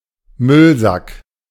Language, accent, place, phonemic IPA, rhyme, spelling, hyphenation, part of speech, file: German, Germany, Berlin, /ˈmʏlˌzak/, -ak, Müllsack, Müll‧sack, noun, De-Müllsack.ogg
- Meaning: bin bag, garbage bag